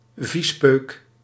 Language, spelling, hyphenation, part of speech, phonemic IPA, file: Dutch, viespeuk, vies‧peuk, noun, /ˈvis.pøːk/, Nl-viespeuk.ogg
- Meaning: 1. a dirtbag, an unclean person 2. a dirtbag, a pervert, a sleazy person